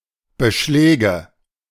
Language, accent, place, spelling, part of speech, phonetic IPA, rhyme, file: German, Germany, Berlin, Beschläge, noun, [bəˈʃlɛːɡə], -ɛːɡə, De-Beschläge.ogg
- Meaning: nominative/accusative/genitive plural of Beschlag